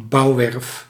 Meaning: a building site
- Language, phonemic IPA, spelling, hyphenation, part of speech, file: Dutch, /ˈbɑu̯.ʋɛrf/, bouwwerf, bouw‧werf, noun, Nl-bouwwerf.ogg